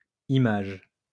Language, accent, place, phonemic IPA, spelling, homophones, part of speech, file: French, France, Lyon, /i.maʒ/, images, image / imagent, noun / verb, LL-Q150 (fra)-images.wav
- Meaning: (noun) plural of image; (verb) second-person singular present indicative/subjunctive of imager